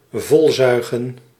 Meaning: 1. to suck full 2. to drench
- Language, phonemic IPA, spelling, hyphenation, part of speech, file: Dutch, /ˈvɔlˌzœy̯.ɣə(n)/, volzuigen, vol‧zui‧gen, verb, Nl-volzuigen.ogg